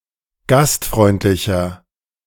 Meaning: 1. comparative degree of gastfreundlich 2. inflection of gastfreundlich: strong/mixed nominative masculine singular 3. inflection of gastfreundlich: strong genitive/dative feminine singular
- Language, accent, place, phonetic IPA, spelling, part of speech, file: German, Germany, Berlin, [ˈɡastˌfʁɔɪ̯ntlɪçɐ], gastfreundlicher, adjective, De-gastfreundlicher.ogg